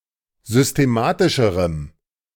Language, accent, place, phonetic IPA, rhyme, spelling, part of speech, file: German, Germany, Berlin, [zʏsteˈmaːtɪʃəʁəm], -aːtɪʃəʁəm, systematischerem, adjective, De-systematischerem.ogg
- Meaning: strong dative masculine/neuter singular comparative degree of systematisch